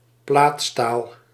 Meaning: sheet steel
- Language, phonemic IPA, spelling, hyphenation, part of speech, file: Dutch, /ˈplaːt.staːl/, plaatstaal, plaat‧staal, noun, Nl-plaatstaal.ogg